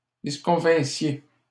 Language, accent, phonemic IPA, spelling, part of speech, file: French, Canada, /dis.kɔ̃.vɛ̃.sje/, disconvinssiez, verb, LL-Q150 (fra)-disconvinssiez.wav
- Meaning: second-person plural imperfect subjunctive of disconvenir